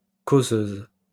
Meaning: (adjective) feminine singular of causeur; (noun) 1. female equivalent of causeur 2. causeuse, love seat
- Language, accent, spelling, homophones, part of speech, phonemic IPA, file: French, France, causeuse, causeuses, adjective / noun, /ko.zøz/, LL-Q150 (fra)-causeuse.wav